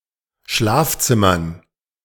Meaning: dative plural of Schlafzimmer
- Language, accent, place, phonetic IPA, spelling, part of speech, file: German, Germany, Berlin, [ˈʃlaːfˌt͡sɪmɐn], Schlafzimmern, noun, De-Schlafzimmern.ogg